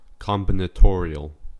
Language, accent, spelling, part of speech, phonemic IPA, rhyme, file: English, US, combinatorial, adjective, /ˌkɑm.bɪn.əˈtɔɹ.i.əl/, -ɔːɹiəl, En-us-combinatorial.ogg
- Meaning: 1. Of, pertaining to, or involving combinations 2. Of or pertaining to the combination and arrangement of elements in sets